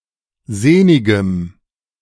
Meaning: strong dative masculine/neuter singular of sehnig
- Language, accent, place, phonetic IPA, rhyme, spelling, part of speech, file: German, Germany, Berlin, [ˈzeːnɪɡəm], -eːnɪɡəm, sehnigem, adjective, De-sehnigem.ogg